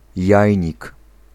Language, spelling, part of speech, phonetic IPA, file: Polish, jajnik, noun, [ˈjäjɲik], Pl-jajnik.ogg